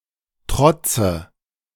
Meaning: dative of Trotz
- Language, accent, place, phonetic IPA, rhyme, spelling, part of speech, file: German, Germany, Berlin, [ˈtʁɔt͡sə], -ɔt͡sə, Trotze, noun, De-Trotze.ogg